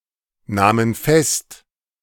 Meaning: first/third-person plural preterite of festnehmen
- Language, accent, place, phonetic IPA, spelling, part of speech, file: German, Germany, Berlin, [ˌnaːmən ˈfɛst], nahmen fest, verb, De-nahmen fest.ogg